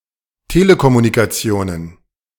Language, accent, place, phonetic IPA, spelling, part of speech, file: German, Germany, Berlin, [ˈteːləkɔmunikaˌt͡si̯oːnən], Telekommunikationen, noun, De-Telekommunikationen.ogg
- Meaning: plural of Telekommunikation